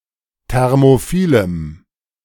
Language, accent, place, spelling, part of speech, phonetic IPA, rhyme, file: German, Germany, Berlin, thermophilem, adjective, [ˌtɛʁmoˈfiːləm], -iːləm, De-thermophilem.ogg
- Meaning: strong dative masculine/neuter singular of thermophil